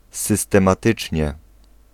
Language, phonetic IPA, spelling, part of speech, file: Polish, [ˌsɨstɛ̃maˈtɨt͡ʃʲɲɛ], systematycznie, adverb, Pl-systematycznie.ogg